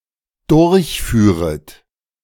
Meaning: second-person plural dependent subjunctive II of durchfahren
- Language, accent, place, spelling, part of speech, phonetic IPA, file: German, Germany, Berlin, durchführet, verb, [ˈdʊʁçˌfyːʁət], De-durchführet.ogg